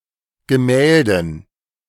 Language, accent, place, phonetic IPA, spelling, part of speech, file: German, Germany, Berlin, [ɡəˈmɛːldn̩], Gemälden, noun, De-Gemälden.ogg
- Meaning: dative plural of Gemälde